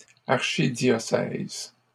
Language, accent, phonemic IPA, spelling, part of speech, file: French, Canada, /aʁ.ʃi.djɔ.sɛz/, archidiocèse, noun, LL-Q150 (fra)-archidiocèse.wav
- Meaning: archdiocese